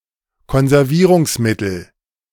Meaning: preservative
- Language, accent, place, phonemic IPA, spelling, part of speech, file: German, Germany, Berlin, /kɔnzɛʁˈviːʁʊŋsˌmɪtəl/, Konservierungsmittel, noun, De-Konservierungsmittel.ogg